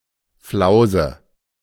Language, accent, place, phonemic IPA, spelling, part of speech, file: German, Germany, Berlin, /ˈflaʊ̯zə/, Flause, noun, De-Flause.ogg
- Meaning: 1. illusion, vain idea 2. nonsense, blather